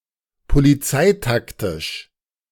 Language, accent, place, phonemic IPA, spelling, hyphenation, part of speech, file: German, Germany, Berlin, /poliˈt͡saɪ̯takˌtɪʃ/, polizeitaktisch, po‧li‧zei‧tak‧tisch, adjective, De-polizeitaktisch.ogg
- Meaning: police tactics